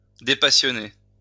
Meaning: to defuse, take the sting out of
- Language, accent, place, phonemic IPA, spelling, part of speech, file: French, France, Lyon, /de.pa.sjɔ.ne/, dépassionner, verb, LL-Q150 (fra)-dépassionner.wav